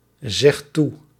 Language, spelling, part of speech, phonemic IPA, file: Dutch, zegt toe, verb, /ˈzɛxt ˈtu/, Nl-zegt toe.ogg
- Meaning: inflection of toezeggen: 1. second/third-person singular present indicative 2. plural imperative